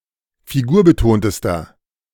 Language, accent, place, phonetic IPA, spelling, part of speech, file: German, Germany, Berlin, [fiˈɡuːɐ̯bəˌtoːntəstɐ], figurbetontester, adjective, De-figurbetontester.ogg
- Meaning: inflection of figurbetont: 1. strong/mixed nominative masculine singular superlative degree 2. strong genitive/dative feminine singular superlative degree 3. strong genitive plural superlative degree